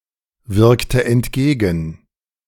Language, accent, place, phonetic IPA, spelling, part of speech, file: German, Germany, Berlin, [ˌvɪʁktə ɛntˈɡeːɡn̩], wirkte entgegen, verb, De-wirkte entgegen.ogg
- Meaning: inflection of entgegenwirken: 1. first/third-person singular preterite 2. first/third-person singular subjunctive II